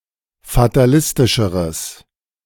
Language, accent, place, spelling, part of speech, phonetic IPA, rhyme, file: German, Germany, Berlin, fatalistischeres, adjective, [fataˈlɪstɪʃəʁəs], -ɪstɪʃəʁəs, De-fatalistischeres.ogg
- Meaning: strong/mixed nominative/accusative neuter singular comparative degree of fatalistisch